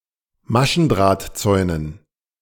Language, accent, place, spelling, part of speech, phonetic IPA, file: German, Germany, Berlin, Maschendrahtzäunen, noun, [ˈmaʃn̩dʁaːtˌt͡sɔɪ̯nən], De-Maschendrahtzäunen.ogg
- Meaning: dative plural of Maschendrahtzaun